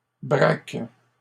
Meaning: second-person singular present indicative/subjunctive of braquer
- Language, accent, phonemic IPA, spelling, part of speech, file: French, Canada, /bʁak/, braques, verb, LL-Q150 (fra)-braques.wav